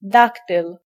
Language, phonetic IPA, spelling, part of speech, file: Polish, [ˈdaktɨl], daktyl, noun, Pl-daktyl.ogg